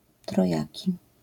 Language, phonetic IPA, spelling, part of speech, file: Polish, [trɔˈjäci], trojaki, numeral, LL-Q809 (pol)-trojaki.wav